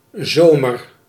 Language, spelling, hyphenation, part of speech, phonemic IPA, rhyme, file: Dutch, zomer, zo‧mer, noun / verb, /ˈzoːmər/, -oːmər, Nl-zomer.ogg
- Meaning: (noun) summer; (verb) inflection of zomeren: 1. first-person singular present indicative 2. second-person singular present indicative 3. imperative